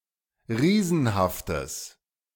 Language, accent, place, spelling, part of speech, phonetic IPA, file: German, Germany, Berlin, riesenhaftes, adjective, [ˈʁiːzn̩haftəs], De-riesenhaftes.ogg
- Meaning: strong/mixed nominative/accusative neuter singular of riesenhaft